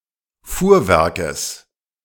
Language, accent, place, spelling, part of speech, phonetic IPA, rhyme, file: German, Germany, Berlin, Fuhrwerkes, noun, [ˈfuːɐ̯ˌvɛʁkəs], -uːɐ̯vɛʁkəs, De-Fuhrwerkes.ogg
- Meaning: genitive singular of Fuhrwerk